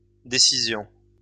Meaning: plural of décision
- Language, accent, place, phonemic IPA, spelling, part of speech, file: French, France, Lyon, /de.si.zjɔ̃/, décisions, noun, LL-Q150 (fra)-décisions.wav